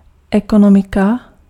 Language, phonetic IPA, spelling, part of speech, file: Czech, [ˈɛkonomɪka], ekonomika, noun, Cs-ekonomika.ogg
- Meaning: economy